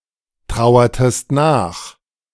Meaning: inflection of nachtrauern: 1. second-person singular preterite 2. second-person singular subjunctive II
- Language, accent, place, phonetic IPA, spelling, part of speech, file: German, Germany, Berlin, [ˌtʁaʊ̯ɐtəst ˈnaːx], trauertest nach, verb, De-trauertest nach.ogg